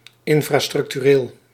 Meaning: infrastructural
- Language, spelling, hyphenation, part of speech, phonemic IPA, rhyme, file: Dutch, infrastructureel, in‧fra‧struc‧tu‧reel, adjective, /ˌɪn.fraː.strʏk.tyˈreːl/, -eːl, Nl-infrastructureel.ogg